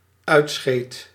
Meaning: singular dependent-clause past indicative of uitscheiden
- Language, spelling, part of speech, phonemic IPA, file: Dutch, uitscheed, verb, /ˈœy̯tˌsxeːt/, Nl-uitscheed.ogg